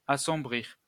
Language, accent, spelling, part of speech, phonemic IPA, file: French, France, assombrir, verb, /a.sɔ̃.bʁiʁ/, LL-Q150 (fra)-assombrir.wav
- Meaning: to darken, make gloomy